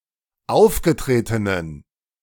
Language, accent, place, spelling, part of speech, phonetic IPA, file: German, Germany, Berlin, aufgetretenen, adjective, [ˈaʊ̯fɡəˌtʁeːtənən], De-aufgetretenen.ogg
- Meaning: inflection of aufgetreten: 1. strong genitive masculine/neuter singular 2. weak/mixed genitive/dative all-gender singular 3. strong/weak/mixed accusative masculine singular 4. strong dative plural